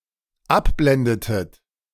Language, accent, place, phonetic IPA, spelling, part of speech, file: German, Germany, Berlin, [ˈapˌblɛndətət], abblendetet, verb, De-abblendetet.ogg
- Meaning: inflection of abblenden: 1. second-person plural dependent preterite 2. second-person plural dependent subjunctive II